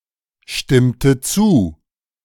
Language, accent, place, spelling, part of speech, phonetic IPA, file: German, Germany, Berlin, stimmte zu, verb, [ˌʃtɪmtə ˈt͡suː], De-stimmte zu.ogg
- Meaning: inflection of zustimmen: 1. first/third-person singular preterite 2. first/third-person singular subjunctive II